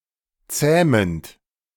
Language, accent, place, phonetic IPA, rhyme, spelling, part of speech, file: German, Germany, Berlin, [ˈt͡sɛːmənt], -ɛːmənt, zähmend, verb, De-zähmend.ogg
- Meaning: present participle of zähmen